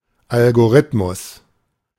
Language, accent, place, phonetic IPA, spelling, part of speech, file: German, Germany, Berlin, [ˌalɡoˈʀɪtmʊs], Algorithmus, noun, De-Algorithmus.ogg
- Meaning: algorithm (well-defined procedure)